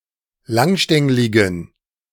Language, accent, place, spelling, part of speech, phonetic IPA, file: German, Germany, Berlin, langstängligen, adjective, [ˈlaŋˌʃtɛŋlɪɡn̩], De-langstängligen.ogg
- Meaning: inflection of langstänglig: 1. strong genitive masculine/neuter singular 2. weak/mixed genitive/dative all-gender singular 3. strong/weak/mixed accusative masculine singular 4. strong dative plural